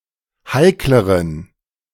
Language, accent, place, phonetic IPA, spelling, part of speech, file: German, Germany, Berlin, [ˈhaɪ̯kləʁən], heikleren, adjective, De-heikleren.ogg
- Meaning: inflection of heikel: 1. strong genitive masculine/neuter singular comparative degree 2. weak/mixed genitive/dative all-gender singular comparative degree